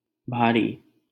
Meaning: heavy
- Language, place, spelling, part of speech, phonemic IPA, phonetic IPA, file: Hindi, Delhi, भारी, adjective, /bʱɑː.ɾiː/, [bʱäː.ɾiː], LL-Q1568 (hin)-भारी.wav